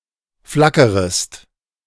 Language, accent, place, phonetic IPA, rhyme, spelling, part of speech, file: German, Germany, Berlin, [ˈflakəʁəst], -akəʁəst, flackerest, verb, De-flackerest.ogg
- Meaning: second-person singular subjunctive I of flackern